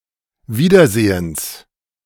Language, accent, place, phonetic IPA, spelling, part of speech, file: German, Germany, Berlin, [ˈviːdɐˌzeːəns], Wiedersehens, noun, De-Wiedersehens.ogg
- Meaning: genitive singular of Wiedersehen